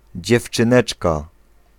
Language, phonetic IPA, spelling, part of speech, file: Polish, [ˌd͡ʑɛft͡ʃɨ̃ˈnɛt͡ʃka], dziewczyneczka, noun, Pl-dziewczyneczka.ogg